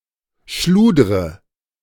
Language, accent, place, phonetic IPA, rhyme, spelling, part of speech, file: German, Germany, Berlin, [ˈʃluːdʁə], -uːdʁə, schludre, verb, De-schludre.ogg
- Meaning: inflection of schludern: 1. first-person singular present 2. first/third-person singular subjunctive I 3. singular imperative